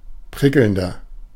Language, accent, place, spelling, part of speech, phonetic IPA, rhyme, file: German, Germany, Berlin, prickelnder, adjective, [ˈpʁɪkl̩ndɐ], -ɪkl̩ndɐ, De-prickelnder.ogg
- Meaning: inflection of prickelnd: 1. strong/mixed nominative masculine singular 2. strong genitive/dative feminine singular 3. strong genitive plural